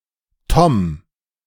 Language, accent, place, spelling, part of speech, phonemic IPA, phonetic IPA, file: German, Germany, Berlin, Tom, proper noun, /tɔm/, [tʰɔm], De-Tom.ogg
- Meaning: a male given name from English